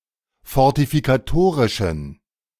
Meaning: inflection of fortifikatorisch: 1. strong genitive masculine/neuter singular 2. weak/mixed genitive/dative all-gender singular 3. strong/weak/mixed accusative masculine singular
- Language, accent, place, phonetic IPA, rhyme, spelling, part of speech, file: German, Germany, Berlin, [fɔʁtifikaˈtoːʁɪʃn̩], -oːʁɪʃn̩, fortifikatorischen, adjective, De-fortifikatorischen.ogg